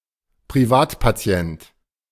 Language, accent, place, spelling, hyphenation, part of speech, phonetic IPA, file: German, Germany, Berlin, Privatpatient, Pri‧vat‧pa‧ti‧ent, noun, [pʁiˈvaːtpaˌt͡si̯ɛnt], De-Privatpatient.ogg
- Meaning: a patient who is member of a private health insurance, as opposed to a member of an insurance that belongs to the national health insurance system